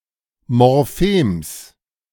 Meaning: genitive singular of Morphem
- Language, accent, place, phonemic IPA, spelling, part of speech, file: German, Germany, Berlin, /mɔʁˈfeːms/, Morphems, noun, De-Morphems.ogg